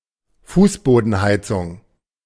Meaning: underfloor heating
- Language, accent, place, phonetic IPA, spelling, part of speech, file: German, Germany, Berlin, [ˈfuːsboːdn̩ˌhaɪ̯t͡sʊŋ], Fußbodenheizung, noun, De-Fußbodenheizung.ogg